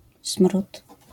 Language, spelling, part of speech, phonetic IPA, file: Polish, smród, noun, [sm̥rut], LL-Q809 (pol)-smród.wav